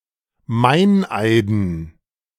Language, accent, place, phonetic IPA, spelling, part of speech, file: German, Germany, Berlin, [ˈmaɪ̯nˌʔaɪ̯dn̩], Meineiden, noun, De-Meineiden.ogg
- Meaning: dative plural of Meineid